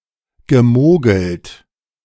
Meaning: past participle of mogeln
- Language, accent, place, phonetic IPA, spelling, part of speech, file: German, Germany, Berlin, [ɡəˈmoːɡl̩t], gemogelt, verb, De-gemogelt.ogg